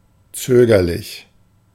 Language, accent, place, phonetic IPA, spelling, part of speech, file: German, Germany, Berlin, [ˈt͡søːɡɐlɪç], zögerlich, adjective, De-zögerlich.ogg
- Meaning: hesitant (tending to hesitate)